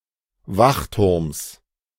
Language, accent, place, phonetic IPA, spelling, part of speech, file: German, Germany, Berlin, [ˈvaxˌtʊʁms], Wachturms, noun, De-Wachturms.ogg
- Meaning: genitive of Wachturm